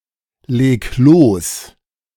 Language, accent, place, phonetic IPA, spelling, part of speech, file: German, Germany, Berlin, [ˌleːk ˈloːs], leg los, verb, De-leg los.ogg
- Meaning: 1. singular imperative of loslegen 2. first-person singular present of loslegen